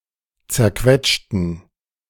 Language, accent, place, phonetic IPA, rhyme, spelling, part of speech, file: German, Germany, Berlin, [t͡sɛɐ̯ˈkvɛt͡ʃtn̩], -ɛt͡ʃtn̩, zerquetschten, adjective / verb, De-zerquetschten.ogg
- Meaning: inflection of zerquetschen: 1. first/third-person plural preterite 2. first/third-person plural subjunctive II